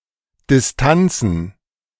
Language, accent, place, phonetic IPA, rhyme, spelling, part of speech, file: German, Germany, Berlin, [dɪsˈtant͡sn̩], -ant͡sn̩, Distanzen, noun, De-Distanzen.ogg
- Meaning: plural of Distanz